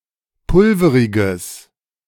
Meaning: strong/mixed nominative/accusative neuter singular of pulverig
- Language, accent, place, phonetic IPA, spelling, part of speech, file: German, Germany, Berlin, [ˈpʊlfəʁɪɡəs], pulveriges, adjective, De-pulveriges.ogg